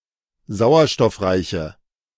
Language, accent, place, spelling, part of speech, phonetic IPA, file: German, Germany, Berlin, sauerstoffreiche, adjective, [ˈzaʊ̯ɐʃtɔfˌʁaɪ̯çə], De-sauerstoffreiche.ogg
- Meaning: inflection of sauerstoffreich: 1. strong/mixed nominative/accusative feminine singular 2. strong nominative/accusative plural 3. weak nominative all-gender singular